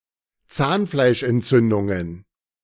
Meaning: plural of Zahnfleischentzündung
- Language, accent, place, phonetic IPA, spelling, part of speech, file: German, Germany, Berlin, [ˈt͡saːnflaɪ̯ʃʔɛntˌt͡sʏndʊŋən], Zahnfleischentzündungen, noun, De-Zahnfleischentzündungen.ogg